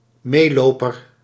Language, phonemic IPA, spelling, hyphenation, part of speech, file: Dutch, /ˈmeːˌloː.pər/, meeloper, mee‧lo‧per, noun, Nl-meeloper.ogg
- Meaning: 1. passive follower, fellow traveller 2. bystander (in the context of bullying)